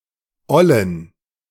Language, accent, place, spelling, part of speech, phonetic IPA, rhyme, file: German, Germany, Berlin, ollen, adjective, [ˈɔlən], -ɔlən, De-ollen.ogg
- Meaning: inflection of oll: 1. strong genitive masculine/neuter singular 2. weak/mixed genitive/dative all-gender singular 3. strong/weak/mixed accusative masculine singular 4. strong dative plural